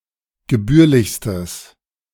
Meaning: strong/mixed nominative/accusative neuter singular superlative degree of gebührlich
- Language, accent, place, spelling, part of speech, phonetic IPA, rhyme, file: German, Germany, Berlin, gebührlichstes, adjective, [ɡəˈbyːɐ̯lɪçstəs], -yːɐ̯lɪçstəs, De-gebührlichstes.ogg